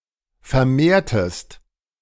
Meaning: inflection of vermehren: 1. second-person singular preterite 2. second-person singular subjunctive II
- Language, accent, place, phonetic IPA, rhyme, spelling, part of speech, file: German, Germany, Berlin, [fɛɐ̯ˈmeːɐ̯təst], -eːɐ̯təst, vermehrtest, verb, De-vermehrtest.ogg